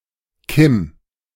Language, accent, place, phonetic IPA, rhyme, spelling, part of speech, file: German, Germany, Berlin, [kɪm], -ɪm, Kim, proper noun, De-Kim.ogg
- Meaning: 1. a diminutive of the male given name Joachim, from Hebrew 2. a female given name from English, of recent usage